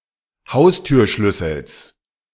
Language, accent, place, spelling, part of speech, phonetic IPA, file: German, Germany, Berlin, Haustürschlüssels, noun, [ˈhaʊ̯styːɐ̯ˌʃlʏsl̩s], De-Haustürschlüssels.ogg
- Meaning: genitive singular of Haustürschlüssel